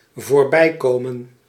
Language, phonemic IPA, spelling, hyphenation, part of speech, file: Dutch, /voːrˈbɛi̯ˌkoː.mə(n)/, voorbijkomen, voor‧bij‧ko‧men, verb, Nl-voorbijkomen.ogg
- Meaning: 1. to pass, to come to pass, to end 2. to drop by